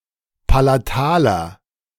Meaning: inflection of palatal: 1. strong/mixed nominative masculine singular 2. strong genitive/dative feminine singular 3. strong genitive plural
- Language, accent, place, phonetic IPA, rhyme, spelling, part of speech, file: German, Germany, Berlin, [palaˈtaːlɐ], -aːlɐ, palataler, adjective, De-palataler.ogg